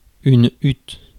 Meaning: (noun) hut (shelter); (verb) inflection of hutter: 1. first/third-person singular present indicative/subjunctive 2. second-person singular imperative
- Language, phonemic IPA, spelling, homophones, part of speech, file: French, /yt/, hutte, huttes / huttent, noun / verb, Fr-hutte.ogg